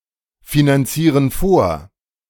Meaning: inflection of vorfinanzieren: 1. first/third-person plural present 2. first/third-person plural subjunctive I
- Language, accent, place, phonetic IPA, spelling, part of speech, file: German, Germany, Berlin, [finanˌt͡siːʁən ˈfoːɐ̯], finanzieren vor, verb, De-finanzieren vor.ogg